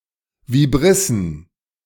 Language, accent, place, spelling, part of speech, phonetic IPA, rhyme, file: German, Germany, Berlin, Vibrissen, noun, [viˈbʁɪsn̩], -ɪsn̩, De-Vibrissen.ogg
- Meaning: plural of Vibrisse